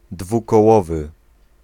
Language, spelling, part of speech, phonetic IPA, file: Polish, dwukołowy, adjective, [ˌdvukɔˈwɔvɨ], Pl-dwukołowy.ogg